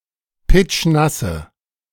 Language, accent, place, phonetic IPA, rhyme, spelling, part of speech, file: German, Germany, Berlin, [ˈpɪt͡ʃˈnasə], -asə, pitschnasse, adjective, De-pitschnasse.ogg
- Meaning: inflection of pitschnass: 1. strong/mixed nominative/accusative feminine singular 2. strong nominative/accusative plural 3. weak nominative all-gender singular